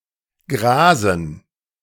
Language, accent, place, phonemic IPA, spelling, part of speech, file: German, Germany, Berlin, /ɡʁaːzn̩/, grasen, verb, De-grasen.ogg
- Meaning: to graze (feed on grass)